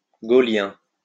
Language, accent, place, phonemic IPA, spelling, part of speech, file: French, France, Lyon, /ɡo.ljɛ̃/, gaullien, adjective, LL-Q150 (fra)-gaullien.wav
- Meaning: Gaullist